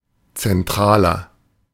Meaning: 1. comparative degree of zentral 2. inflection of zentral: strong/mixed nominative masculine singular 3. inflection of zentral: strong genitive/dative feminine singular
- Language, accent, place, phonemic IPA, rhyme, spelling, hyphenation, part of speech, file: German, Germany, Berlin, /t͡sɛnˈtʁaːlɐ/, -aːlɐ, zentraler, zen‧tra‧ler, adjective, De-zentraler.ogg